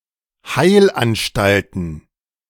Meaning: plural of Heilanstalt
- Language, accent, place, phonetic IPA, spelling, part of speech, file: German, Germany, Berlin, [ˈhaɪ̯lʔanˌʃtaltn̩], Heilanstalten, noun, De-Heilanstalten.ogg